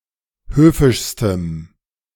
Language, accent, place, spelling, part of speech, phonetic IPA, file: German, Germany, Berlin, höfischstem, adjective, [ˈhøːfɪʃstəm], De-höfischstem.ogg
- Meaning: strong dative masculine/neuter singular superlative degree of höfisch